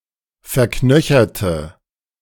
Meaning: inflection of verknöchert: 1. strong/mixed nominative/accusative feminine singular 2. strong nominative/accusative plural 3. weak nominative all-gender singular
- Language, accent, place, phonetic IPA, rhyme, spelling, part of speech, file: German, Germany, Berlin, [fɛɐ̯ˈknœçɐtə], -œçɐtə, verknöcherte, adjective / verb, De-verknöcherte.ogg